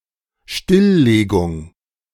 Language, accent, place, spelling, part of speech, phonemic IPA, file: German, Germany, Berlin, Stilllegung, noun, /ˈʃtɪlˌleːɡʊŋ/, De-Stilllegung.ogg
- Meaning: putting out of service, shutdown, decommissioning